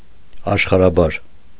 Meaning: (noun) Ashkharhabar, Modern Armenian; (adverb) in Ashkharhabar, in Modern Armenian
- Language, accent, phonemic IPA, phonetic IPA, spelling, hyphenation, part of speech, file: Armenian, Eastern Armenian, /ɑʃχɑɾɑˈbɑɾ/, [ɑʃχɑɾɑbɑ́ɾ], աշխարհաբար, աշ‧խար‧հա‧բար, noun / adjective / adverb, Hy-աշխարհաբար .ogg